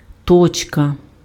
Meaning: 1. period, dot, full stop 2. point
- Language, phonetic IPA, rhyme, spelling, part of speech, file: Ukrainian, [ˈtɔt͡ʃkɐ], -ɔt͡ʃkɐ, точка, noun, Uk-точка.ogg